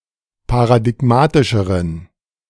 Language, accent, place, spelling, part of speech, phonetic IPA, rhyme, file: German, Germany, Berlin, paradigmatischeren, adjective, [paʁadɪˈɡmaːtɪʃəʁən], -aːtɪʃəʁən, De-paradigmatischeren.ogg
- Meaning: inflection of paradigmatisch: 1. strong genitive masculine/neuter singular comparative degree 2. weak/mixed genitive/dative all-gender singular comparative degree